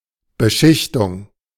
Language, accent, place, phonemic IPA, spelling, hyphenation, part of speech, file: German, Germany, Berlin, /ˌbəˈʃɪçtʊŋ/, Beschichtung, Be‧schich‧tung, noun, De-Beschichtung.ogg
- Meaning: 1. coating (process) 2. lamination